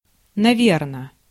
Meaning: 1. probably, most likely 2. for sure, certainly
- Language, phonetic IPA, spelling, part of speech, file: Russian, [nɐˈvʲernə], наверно, adverb, Ru-наверно.ogg